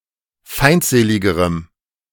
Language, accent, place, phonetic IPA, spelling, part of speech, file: German, Germany, Berlin, [ˈfaɪ̯ntˌzeːlɪɡəʁəm], feindseligerem, adjective, De-feindseligerem.ogg
- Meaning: strong dative masculine/neuter singular comparative degree of feindselig